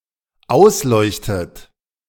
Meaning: inflection of ausleuchten: 1. dependent third-person singular present 2. dependent second-person plural present 3. dependent second-person plural subjunctive I
- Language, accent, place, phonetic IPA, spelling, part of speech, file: German, Germany, Berlin, [ˈaʊ̯sˌlɔɪ̯çtət], ausleuchtet, verb, De-ausleuchtet.ogg